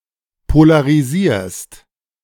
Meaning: second-person singular present of polarisieren
- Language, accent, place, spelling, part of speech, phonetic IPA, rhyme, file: German, Germany, Berlin, polarisierst, verb, [polaʁiˈziːɐ̯st], -iːɐ̯st, De-polarisierst.ogg